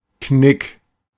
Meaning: 1. crease 2. A wall of shrubberies, dividing a rural area
- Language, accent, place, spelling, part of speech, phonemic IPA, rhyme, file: German, Germany, Berlin, Knick, noun, /knɪk/, -ɪk, De-Knick.ogg